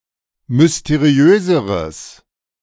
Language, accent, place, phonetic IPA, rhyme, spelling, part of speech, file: German, Germany, Berlin, [mʏsteˈʁi̯øːzəʁəs], -øːzəʁəs, mysteriöseres, adjective, De-mysteriöseres.ogg
- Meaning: strong/mixed nominative/accusative neuter singular comparative degree of mysteriös